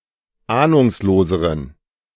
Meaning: inflection of ahnungslos: 1. strong genitive masculine/neuter singular comparative degree 2. weak/mixed genitive/dative all-gender singular comparative degree
- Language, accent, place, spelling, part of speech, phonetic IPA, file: German, Germany, Berlin, ahnungsloseren, adjective, [ˈaːnʊŋsloːzəʁən], De-ahnungsloseren.ogg